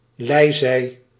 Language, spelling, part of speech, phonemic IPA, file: Dutch, lijzij, noun, /ˈlɛi̯zɛi̯/, Nl-lijzij.ogg
- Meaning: lee (side of the ship away from the wind)